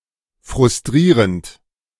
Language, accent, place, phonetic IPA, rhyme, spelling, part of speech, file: German, Germany, Berlin, [fʁʊsˈtʁiːʁənt], -iːʁənt, frustrierend, verb, De-frustrierend.ogg
- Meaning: present participle of frustrieren